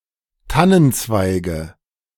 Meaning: nominative/accusative/genitive plural of Tannenzweig
- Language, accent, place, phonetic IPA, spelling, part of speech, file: German, Germany, Berlin, [ˈtanənˌt͡svaɪ̯ɡə], Tannenzweige, noun, De-Tannenzweige.ogg